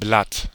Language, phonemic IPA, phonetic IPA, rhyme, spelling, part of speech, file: German, /blat/, [blät], -at, Blatt, noun, De-Blatt.ogg
- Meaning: 1. leaf (green and flat organ of a plant) 2. leaf (green and flat organ of a plant): petal (one of the parts of the whorl of a flower)